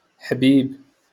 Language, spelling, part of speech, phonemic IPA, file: Moroccan Arabic, حبيب, noun, /ħbiːb/, LL-Q56426 (ary)-حبيب.wav
- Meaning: 1. beloved 2. sweetheart 3. dear 4. darling 5. maternal uncle